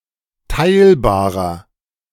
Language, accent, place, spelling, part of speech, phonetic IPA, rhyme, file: German, Germany, Berlin, teilbarer, adjective, [ˈtaɪ̯lbaːʁɐ], -aɪ̯lbaːʁɐ, De-teilbarer.ogg
- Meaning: inflection of teilbar: 1. strong/mixed nominative masculine singular 2. strong genitive/dative feminine singular 3. strong genitive plural